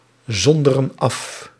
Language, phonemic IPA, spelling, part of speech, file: Dutch, /ˈzɔndərə(n) ˈɑf/, zonderen af, verb, Nl-zonderen af.ogg
- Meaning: inflection of afzonderen: 1. plural present indicative 2. plural present subjunctive